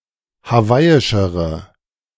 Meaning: inflection of hawaiisch: 1. strong/mixed nominative/accusative feminine singular comparative degree 2. strong nominative/accusative plural comparative degree
- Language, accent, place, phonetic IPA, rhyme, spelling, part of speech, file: German, Germany, Berlin, [haˈvaɪ̯ɪʃəʁə], -aɪ̯ɪʃəʁə, hawaiischere, adjective, De-hawaiischere.ogg